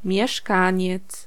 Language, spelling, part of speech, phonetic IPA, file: Polish, mieszkaniec, noun, [mʲjɛˈʃkãɲɛt͡s], Pl-mieszkaniec.ogg